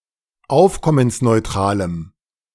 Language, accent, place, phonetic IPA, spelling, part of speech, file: German, Germany, Berlin, [ˈaʊ̯fkɔmənsnɔɪ̯ˌtʁaːləm], aufkommensneutralem, adjective, De-aufkommensneutralem.ogg
- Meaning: strong dative masculine/neuter singular of aufkommensneutral